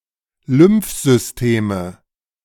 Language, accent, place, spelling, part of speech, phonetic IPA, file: German, Germany, Berlin, Lymphsysteme, noun, [ˈlʏmfˌzʏsteːmə], De-Lymphsysteme.ogg
- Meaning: nominative/accusative/genitive plural of Lymphsystem